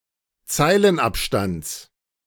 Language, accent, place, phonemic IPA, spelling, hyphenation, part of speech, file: German, Germany, Berlin, /ˈt͡saɪ̯lənˌʔapʃtants/, Zeilenabstands, Zei‧len‧ab‧stands, noun, De-Zeilenabstands.ogg
- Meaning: genitive singular of Zeilenabstand